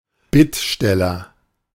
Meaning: supplicant
- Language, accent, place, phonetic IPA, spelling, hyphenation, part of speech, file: German, Germany, Berlin, [ˈbɪtˌʃtɛlɐ], Bittsteller, Bitt‧stel‧ler, noun, De-Bittsteller.ogg